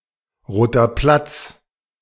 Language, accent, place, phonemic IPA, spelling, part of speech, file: German, Germany, Berlin, /ˈʁoːtɐ ˈplats/, Roter Platz, proper noun, De-Roter Platz.ogg
- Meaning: Red Square (large historical square in central Moscow)